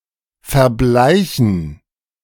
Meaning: 1. to fade 2. to die
- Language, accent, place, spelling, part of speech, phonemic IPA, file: German, Germany, Berlin, verbleichen, verb, /fɛɐ̯ˈblaɪ̯çn̩/, De-verbleichen.ogg